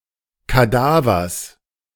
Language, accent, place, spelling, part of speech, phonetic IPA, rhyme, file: German, Germany, Berlin, Kadavers, noun, [kaˈdaːvɐs], -aːvɐs, De-Kadavers.ogg
- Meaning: genitive singular of Kadaver